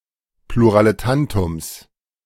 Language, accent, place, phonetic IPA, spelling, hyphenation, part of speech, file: German, Germany, Berlin, [pluˌʁaːləˈtantʊms], Pluraletantums, Plu‧ra‧le‧tan‧tums, noun, De-Pluraletantums.ogg
- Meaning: 1. genitive singular of Pluraletantum 2. plural of Pluraletantum